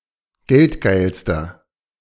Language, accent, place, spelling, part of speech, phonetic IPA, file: German, Germany, Berlin, geldgeilster, adjective, [ˈɡɛltˌɡaɪ̯lstɐ], De-geldgeilster.ogg
- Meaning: inflection of geldgeil: 1. strong/mixed nominative masculine singular superlative degree 2. strong genitive/dative feminine singular superlative degree 3. strong genitive plural superlative degree